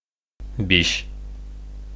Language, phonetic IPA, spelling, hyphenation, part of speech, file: Bashkir, [bʲiʃ], биш, биш, numeral, Ba-биш.ogg
- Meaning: five